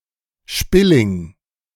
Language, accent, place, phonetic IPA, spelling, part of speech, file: German, Germany, Berlin, [ˈʃpɪlɪŋ], Spilling, noun, De-Spilling.ogg
- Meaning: a subspecies or variety of European plum (Prunus domestica ssp. insititia var. pomariorum or Prunus insititia convar. pomariorum)